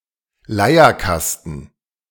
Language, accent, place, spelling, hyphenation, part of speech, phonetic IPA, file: German, Germany, Berlin, Leierkasten, Lei‧er‧kas‧ten, noun, [ˈlaɪ̯ɐˌkastn̩], De-Leierkasten.ogg
- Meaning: barrel organ